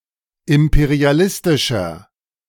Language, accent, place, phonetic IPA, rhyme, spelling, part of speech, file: German, Germany, Berlin, [ˌɪmpeʁiaˈlɪstɪʃɐ], -ɪstɪʃɐ, imperialistischer, adjective, De-imperialistischer.ogg
- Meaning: 1. comparative degree of imperialistisch 2. inflection of imperialistisch: strong/mixed nominative masculine singular 3. inflection of imperialistisch: strong genitive/dative feminine singular